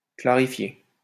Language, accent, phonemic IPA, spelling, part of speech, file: French, France, /kla.ʁi.fje/, clarifié, verb, LL-Q150 (fra)-clarifié.wav
- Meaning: past participle of clarifier